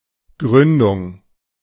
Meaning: foundation (act of founding)
- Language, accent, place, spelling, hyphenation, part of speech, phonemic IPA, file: German, Germany, Berlin, Gründung, Grün‧dung, noun, /ˈɡʁʏndʊŋ/, De-Gründung.ogg